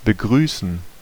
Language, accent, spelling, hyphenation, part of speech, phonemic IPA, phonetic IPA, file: German, Germany, begrüßen, be‧grü‧ßen, verb, /bəˈɡʁyːsən/, [bəˈɡʁyːsn̩], De-begrüßen.ogg
- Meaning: to welcome